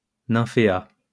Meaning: waterlily
- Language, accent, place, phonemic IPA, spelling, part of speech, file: French, France, Lyon, /nɛ̃.fe.a/, nymphéa, noun, LL-Q150 (fra)-nymphéa.wav